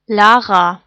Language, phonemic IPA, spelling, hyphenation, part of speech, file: German, /ˈlaːʁa/, Lara, La‧ra, proper noun, De-Lara.ogg
- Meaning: a female given name